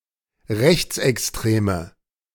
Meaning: inflection of rechtsextrem: 1. strong/mixed nominative/accusative feminine singular 2. strong nominative/accusative plural 3. weak nominative all-gender singular
- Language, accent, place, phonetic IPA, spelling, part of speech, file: German, Germany, Berlin, [ˈʁɛçt͡sʔɛksˌtʁeːmə], rechtsextreme, adjective, De-rechtsextreme.ogg